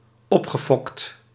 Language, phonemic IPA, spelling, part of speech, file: Dutch, /ˈɔpxəˌfɔkt/, opgefokt, adjective / verb, Nl-opgefokt.ogg
- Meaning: past participle of opfokken